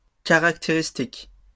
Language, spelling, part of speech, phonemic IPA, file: French, caractéristiques, adjective / noun, /ka.ʁak.te.ʁis.tik/, LL-Q150 (fra)-caractéristiques.wav
- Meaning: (adjective) plural of caractéristique